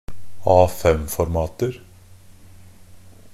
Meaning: indefinite plural of A5-format
- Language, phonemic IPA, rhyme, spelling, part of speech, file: Norwegian Bokmål, /ˈɑːfɛmfɔɾmɑːtər/, -ər, A5-formater, noun, NB - Pronunciation of Norwegian Bokmål «A5-formater».ogg